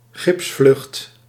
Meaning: homeward flight for people who got injured (e.g. have fractures) on winter holidays
- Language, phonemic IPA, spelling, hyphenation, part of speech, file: Dutch, /ˈɣɪps.flʏxt/, gipsvlucht, gips‧vlucht, noun, Nl-gipsvlucht.ogg